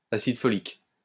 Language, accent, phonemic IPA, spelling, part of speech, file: French, France, /a.sid fɔ.lik/, acide folique, noun, LL-Q150 (fra)-acide folique.wav
- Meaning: folic acid